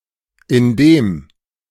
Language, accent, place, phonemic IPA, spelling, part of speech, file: German, Germany, Berlin, /ɪnˈdeːm/, indem, conjunction, De-indem.ogg
- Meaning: 1. by (indicates a means) 2. while, at the time that